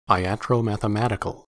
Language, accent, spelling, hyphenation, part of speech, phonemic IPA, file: English, US, iatromathematical, i‧at‧ro‧math‧e‧ma‧ti‧cal, adjective, /aɪˌæt.ɹoʊ.mæ.θəˈmæ.tɪ.kəl/, En-us-iatromathematical.ogg
- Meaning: 1. Pertaining to a practice of medicine in conjunction with astrology 2. Pertaining to a theory or practice of medicine founded on mathematical principles